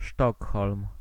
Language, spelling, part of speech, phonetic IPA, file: Polish, Sztokholm, proper noun, [ˈʃtɔkxɔlm], Pl-Sztokholm.ogg